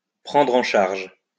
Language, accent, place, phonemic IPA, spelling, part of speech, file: French, France, Lyon, /pʁɑ̃dʁ ɑ̃ ʃaʁʒ/, prendre en charge, verb, LL-Q150 (fra)-prendre en charge.wav
- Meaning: 1. to take charge of; to be in charge of; to take care of 2. to pick up, to take on